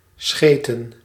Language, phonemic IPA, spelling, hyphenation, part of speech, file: Dutch, /ˈsxeː.tə(n)/, scheten, sche‧ten, verb / noun, Nl-scheten.ogg
- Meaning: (verb) to fart, to waft, to trump; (noun) plural of scheet; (verb) inflection of schijten: 1. plural past indicative 2. plural past subjunctive